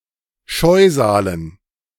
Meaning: dative plural of Scheusal
- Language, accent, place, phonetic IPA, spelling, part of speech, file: German, Germany, Berlin, [ˈʃɔɪ̯zaːlən], Scheusalen, noun, De-Scheusalen.ogg